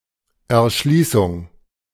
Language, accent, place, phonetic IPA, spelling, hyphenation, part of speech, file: German, Germany, Berlin, [ɛɐ̯ˈʃliːsʊŋ], Erschließung, Er‧schlie‧ßung, noun, De-Erschließung.ogg
- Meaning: 1. development 2. indexing